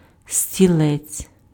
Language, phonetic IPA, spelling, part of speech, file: Ukrainian, [sʲtʲiˈɫɛt͡sʲ], стілець, noun, Uk-стілець.ogg
- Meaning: stool, chair (item of furniture)